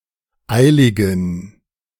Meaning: inflection of eilig: 1. strong genitive masculine/neuter singular 2. weak/mixed genitive/dative all-gender singular 3. strong/weak/mixed accusative masculine singular 4. strong dative plural
- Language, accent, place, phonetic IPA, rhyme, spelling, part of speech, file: German, Germany, Berlin, [ˈaɪ̯lɪɡn̩], -aɪ̯lɪɡn̩, eiligen, adjective, De-eiligen.ogg